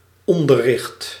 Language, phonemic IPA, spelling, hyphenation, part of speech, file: Dutch, /ˈɔn.də(r)ˌrɪxt/, onderricht, on‧der‧richt, noun, Nl-onderricht.ogg
- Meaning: education, instruction, teaching